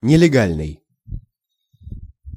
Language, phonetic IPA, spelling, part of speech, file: Russian, [nʲɪlʲɪˈɡalʲnɨj], нелегальный, adjective, Ru-нелегальный.ogg
- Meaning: illegal (contrary to or forbidden by law)